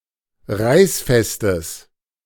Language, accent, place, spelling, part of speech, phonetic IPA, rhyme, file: German, Germany, Berlin, reißfestes, adjective, [ˈʁaɪ̯sˌfɛstəs], -aɪ̯sfɛstəs, De-reißfestes.ogg
- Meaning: strong/mixed nominative/accusative neuter singular of reißfest